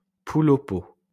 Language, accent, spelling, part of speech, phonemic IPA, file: French, France, poule au pot, noun, /pul o po/, LL-Q150 (fra)-poule au pot.wav
- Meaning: a kind of chicken and vegetable stew from Gers, France